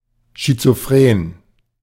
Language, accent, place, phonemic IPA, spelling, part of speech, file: German, Germany, Berlin, /ʃitsofreːn/, schizophren, adjective, De-schizophren.ogg
- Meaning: 1. schizophrenic 2. contradictory